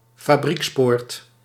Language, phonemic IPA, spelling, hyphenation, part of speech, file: Dutch, /faːˈbriksˌpoːrt/, fabriekspoort, fa‧brieks‧poort, noun, Nl-fabriekspoort.ogg
- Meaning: factory gate